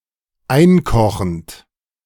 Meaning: present participle of einkochen
- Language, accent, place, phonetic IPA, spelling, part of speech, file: German, Germany, Berlin, [ˈaɪ̯nˌkɔxn̩t], einkochend, verb, De-einkochend.ogg